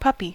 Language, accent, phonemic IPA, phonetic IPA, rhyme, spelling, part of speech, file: English, US, /ˈpʌpi/, [ˈpʰɐpi], -ʌpi, puppy, noun / verb, En-us-puppy.ogg
- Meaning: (noun) 1. A young dog, especially before sexual maturity (12–18 months) 2. A young rat 3. A young seal 4. A dog with a youthful appearance, or any dog 5. A woman’s breast